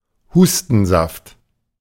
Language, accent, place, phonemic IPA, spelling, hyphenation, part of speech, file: German, Germany, Berlin, /ˈhuːstn̩ˌzaft/, Hustensaft, Hus‧ten‧saft, noun, De-Hustensaft.ogg
- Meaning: cough syrup